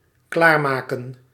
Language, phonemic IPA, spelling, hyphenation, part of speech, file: Dutch, /ˈklaːrˌmaː.kə(n)/, klaarmaken, klaar‧ma‧ken, verb, Nl-klaarmaken.ogg
- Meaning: 1. to prepare, to make ready 2. to get prepared